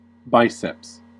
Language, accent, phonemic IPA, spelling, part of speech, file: English, US, /ˈbaɪ.sɛps/, biceps, noun, En-us-biceps.ogg
- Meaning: 1. Any muscle having two heads 2. Specifically, the biceps brachii, the flexor of the elbow 3. The upper arm, especially the collective muscles of the upper arm